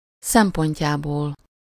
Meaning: elative of szempontja
- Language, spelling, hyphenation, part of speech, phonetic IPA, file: Hungarian, szempontjából, szem‧pont‧já‧ból, noun, [ˈsɛmpoɲcaːboːl], Hu-szempontjából.ogg